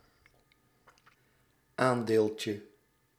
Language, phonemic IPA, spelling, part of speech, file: Dutch, /ˈandelcə/, aandeeltje, noun, Nl-aandeeltje.ogg
- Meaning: diminutive of aandeel